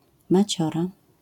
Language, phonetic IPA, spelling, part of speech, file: Polish, [maˈt͡ɕɔra], maciora, noun, LL-Q809 (pol)-maciora.wav